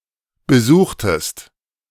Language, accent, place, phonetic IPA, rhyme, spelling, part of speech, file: German, Germany, Berlin, [bəˈzuːxtəst], -uːxtəst, besuchtest, verb, De-besuchtest.ogg
- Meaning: inflection of besuchen: 1. second-person singular preterite 2. second-person singular subjunctive II